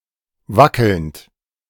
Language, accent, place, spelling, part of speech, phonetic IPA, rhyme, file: German, Germany, Berlin, wackelnd, verb, [ˈvakl̩nt], -akl̩nt, De-wackelnd.ogg
- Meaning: present participle of wackeln